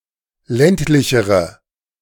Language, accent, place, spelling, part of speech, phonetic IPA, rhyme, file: German, Germany, Berlin, ländlichere, adjective, [ˈlɛntlɪçəʁə], -ɛntlɪçəʁə, De-ländlichere.ogg
- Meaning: inflection of ländlich: 1. strong/mixed nominative/accusative feminine singular comparative degree 2. strong nominative/accusative plural comparative degree